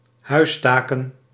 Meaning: plural of huistaak
- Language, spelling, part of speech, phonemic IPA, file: Dutch, huistaken, noun, /ˈhœystakə(n)/, Nl-huistaken.ogg